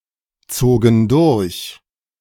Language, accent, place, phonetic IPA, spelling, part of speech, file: German, Germany, Berlin, [ˌt͡soːɡn̩ ˈdʊʁç], zogen durch, verb, De-zogen durch.ogg
- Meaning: first/third-person plural preterite of durchziehen